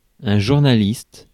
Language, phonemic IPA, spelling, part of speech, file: French, /ʒuʁ.na.list/, journaliste, noun, Fr-journaliste.ogg
- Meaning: 1. a journalist 2. an anchor, anchorperson, anchorman or anchorwoman 3. a reporter